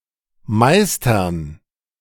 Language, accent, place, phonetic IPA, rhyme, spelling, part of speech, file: German, Germany, Berlin, [ˈmaɪ̯stɐn], -aɪ̯stɐn, Meistern, noun, De-Meistern.ogg
- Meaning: dative plural of Meister